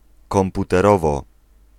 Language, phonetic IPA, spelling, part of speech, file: Polish, [ˌkɔ̃mputɛˈrɔvɔ], komputerowo, adverb, Pl-komputerowo.ogg